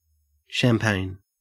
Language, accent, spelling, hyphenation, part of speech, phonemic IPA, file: English, Australia, champagne, cham‧pagne, noun / adjective / verb, /ʃæːmˈpæɪn/, En-au-champagne.ogg
- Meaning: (noun) A sparkling white wine made from a blend of grapes, especially Chardonnay and pinot, produced in Champagne, France, by the méthode champenoise